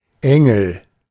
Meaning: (noun) angel; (proper noun) a surname transferred from the given name
- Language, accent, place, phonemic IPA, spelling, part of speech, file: German, Germany, Berlin, /ˈɛŋl̩/, Engel, noun / proper noun, De-Engel.ogg